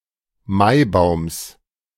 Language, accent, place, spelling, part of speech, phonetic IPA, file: German, Germany, Berlin, Maibaums, noun, [ˈmaɪ̯ˌbaʊ̯ms], De-Maibaums.ogg
- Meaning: genitive singular of Maibaum